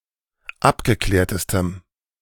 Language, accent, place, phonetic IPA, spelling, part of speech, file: German, Germany, Berlin, [ˈapɡəˌklɛːɐ̯təstəm], abgeklärtestem, adjective, De-abgeklärtestem.ogg
- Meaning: strong dative masculine/neuter singular superlative degree of abgeklärt